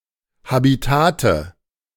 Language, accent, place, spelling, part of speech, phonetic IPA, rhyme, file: German, Germany, Berlin, Habitate, noun, [habiˈtaːtə], -aːtə, De-Habitate.ogg
- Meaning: nominative/accusative/genitive plural of Habitat